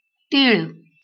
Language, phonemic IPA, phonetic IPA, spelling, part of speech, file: Marathi, /t̪iɭ̆/, [t̪iːɭ̆], तीळ, noun, LL-Q1571 (mar)-तीळ.wav
- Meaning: 1. sesame, Sesamum indicum 2. mole (facial feature)